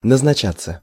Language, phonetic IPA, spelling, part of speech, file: Russian, [nəznɐˈt͡ɕat͡sːə], назначаться, verb, Ru-назначаться.ogg
- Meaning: passive of назнача́ть (naznačátʹ)